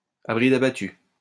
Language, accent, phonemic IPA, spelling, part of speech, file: French, France, /a bʁi.d‿a.ba.ty/, à bride abattue, adverb, LL-Q150 (fra)-à bride abattue.wav
- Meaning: at full speed, at full throttle, hell-for-leather, flat out